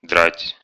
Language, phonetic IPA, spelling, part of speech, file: Russian, [dratʲ], драть, verb, Ru-драть.ogg
- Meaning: 1. to tear, to tear up, to tear to pieces 2. to strip off, to tear off 3. to pull out 4. to charge, to fleece, to rip off 5. to kill (of wild animals) 6. to cause a stinging/burning pain